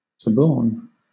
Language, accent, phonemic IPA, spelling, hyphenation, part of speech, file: English, Southern England, /səˈbɔːn/, suborn, sub‧orn, verb, LL-Q1860 (eng)-suborn.wav
- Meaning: To induce (someone) to commit an unlawful or malicious act, especially in a corrupt manner